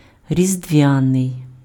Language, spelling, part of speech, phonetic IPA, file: Ukrainian, різдвяний, adjective, [rʲizdʲˈʋʲanei̯], Uk-різдвяний.ogg
- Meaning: Christmas (attributive) (of or relating to Christmas)